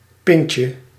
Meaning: diminutive of pint
- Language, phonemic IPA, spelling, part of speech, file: Dutch, /ˈpɪncə/, pintje, noun, Nl-pintje.ogg